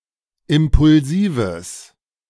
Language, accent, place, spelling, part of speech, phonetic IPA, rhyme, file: German, Germany, Berlin, impulsives, adjective, [ˌɪmpʊlˈziːvəs], -iːvəs, De-impulsives.ogg
- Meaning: strong/mixed nominative/accusative neuter singular of impulsiv